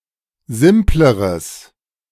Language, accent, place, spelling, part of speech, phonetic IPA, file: German, Germany, Berlin, simpleres, adjective, [ˈzɪmpləʁəs], De-simpleres.ogg
- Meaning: strong/mixed nominative/accusative neuter singular comparative degree of simpel